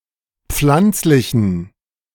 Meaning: inflection of pflanzlich: 1. strong genitive masculine/neuter singular 2. weak/mixed genitive/dative all-gender singular 3. strong/weak/mixed accusative masculine singular 4. strong dative plural
- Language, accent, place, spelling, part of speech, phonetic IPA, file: German, Germany, Berlin, pflanzlichen, adjective, [ˈp͡flant͡slɪçn̩], De-pflanzlichen.ogg